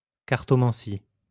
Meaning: cartomancy
- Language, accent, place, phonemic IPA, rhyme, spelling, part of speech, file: French, France, Lyon, /kaʁ.tɔ.mɑ̃.si/, -i, cartomancie, noun, LL-Q150 (fra)-cartomancie.wav